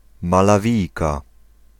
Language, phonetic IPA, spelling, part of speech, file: Polish, [ˌmalaˈvʲijka], Malawijka, noun, Pl-Malawijka.ogg